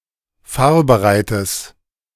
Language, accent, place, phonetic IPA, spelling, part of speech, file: German, Germany, Berlin, [ˈfaːɐ̯bəˌʁaɪ̯təs], fahrbereites, adjective, De-fahrbereites.ogg
- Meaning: strong/mixed nominative/accusative neuter singular of fahrbereit